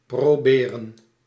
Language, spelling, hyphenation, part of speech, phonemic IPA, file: Dutch, proberen, pro‧be‧ren, verb, /ˌproːˈbeː.rə(n)/, Nl-proberen.ogg
- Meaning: to try, to attempt